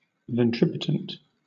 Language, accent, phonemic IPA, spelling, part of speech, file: English, Southern England, /vɛnˈtɹɪpətənt/, ventripotent, adjective, LL-Q1860 (eng)-ventripotent.wav
- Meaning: 1. Having a big belly 2. Gluttonous